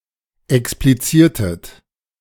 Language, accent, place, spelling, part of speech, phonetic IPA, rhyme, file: German, Germany, Berlin, expliziertet, verb, [ɛkspliˈt͡siːɐ̯tət], -iːɐ̯tət, De-expliziertet.ogg
- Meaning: inflection of explizieren: 1. second-person plural preterite 2. second-person plural subjunctive II